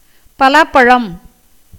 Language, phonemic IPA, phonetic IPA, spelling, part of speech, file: Tamil, /pɐlɑːpːɐɻɐm/, [pɐläːpːɐɻɐm], பலாப்பழம், noun, Ta-பலாப்பழம்.ogg
- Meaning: a ripe jackfruit